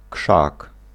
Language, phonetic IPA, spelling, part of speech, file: Polish, [kʃak], krzak, noun, Pl-krzak.ogg